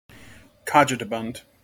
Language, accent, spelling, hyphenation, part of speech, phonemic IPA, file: English, General American, cogitabund, co‧gi‧ta‧bund, adjective, /ˈkɑd͡ʒɪtəˌbʌnd/, En-us-cogitabund.mp3
- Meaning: Deep in thought; meditative, thoughtful